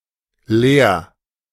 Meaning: 1. singular imperative of lehren 2. first-person singular present of lehren
- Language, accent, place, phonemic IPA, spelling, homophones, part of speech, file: German, Germany, Berlin, /leːɐ̯/, lehr, leer, verb, De-lehr.ogg